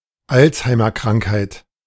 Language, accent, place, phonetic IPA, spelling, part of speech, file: German, Germany, Berlin, [ˈalt͡shaɪ̯mɐˌkʁaŋkhaɪ̯t], Alzheimerkrankheit, noun, De-Alzheimerkrankheit.ogg
- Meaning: alternative spelling of Alzheimer-Krankheit